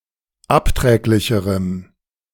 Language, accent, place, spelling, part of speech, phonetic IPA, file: German, Germany, Berlin, abträglicherem, adjective, [ˈapˌtʁɛːklɪçəʁəm], De-abträglicherem.ogg
- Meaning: strong dative masculine/neuter singular comparative degree of abträglich